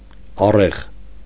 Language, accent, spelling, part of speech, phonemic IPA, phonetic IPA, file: Armenian, Eastern Armenian, առեղ, noun, /ɑˈreʁ/, [ɑréʁ], Hy-առեղ.ogg
- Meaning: pole, beam, shaft (of a cart)